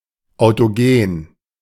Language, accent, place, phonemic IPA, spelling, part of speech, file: German, Germany, Berlin, /aʊ̯toˈɡeːn/, autogen, adjective, De-autogen.ogg
- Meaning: autogenous